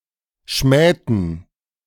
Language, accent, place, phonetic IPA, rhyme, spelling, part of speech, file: German, Germany, Berlin, [ˈʃmɛːtn̩], -ɛːtn̩, schmähten, verb, De-schmähten.ogg
- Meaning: inflection of schmähen: 1. first/third-person plural preterite 2. first/third-person plural subjunctive II